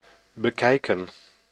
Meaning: to look at, to view
- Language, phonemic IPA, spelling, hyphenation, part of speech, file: Dutch, /bəˈkɛi̯kə(n)/, bekijken, be‧kij‧ken, verb, Nl-bekijken.ogg